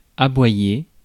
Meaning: 1. to bark 2. to scream at or inveigh against somebody 3. to scream or yell in short bouts; to bark
- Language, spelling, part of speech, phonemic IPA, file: French, aboyer, verb, /a.bwa.je/, Fr-aboyer.ogg